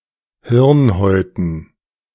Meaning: dative plural of Hirnhaut
- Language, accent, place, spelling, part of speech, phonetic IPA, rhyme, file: German, Germany, Berlin, Hirnhäuten, noun, [ˈhɪʁnˌhɔɪ̯tn̩], -ɪʁnhɔɪ̯tn̩, De-Hirnhäuten.ogg